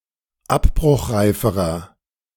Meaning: inflection of abbruchreif: 1. strong/mixed nominative masculine singular comparative degree 2. strong genitive/dative feminine singular comparative degree 3. strong genitive plural comparative degree
- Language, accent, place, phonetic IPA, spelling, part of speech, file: German, Germany, Berlin, [ˈapbʁʊxˌʁaɪ̯fəʁɐ], abbruchreiferer, adjective, De-abbruchreiferer.ogg